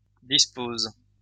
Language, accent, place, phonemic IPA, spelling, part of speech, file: French, France, Lyon, /dis.poz/, disposent, verb, LL-Q150 (fra)-disposent.wav
- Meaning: third-person plural present indicative/subjunctive of disposer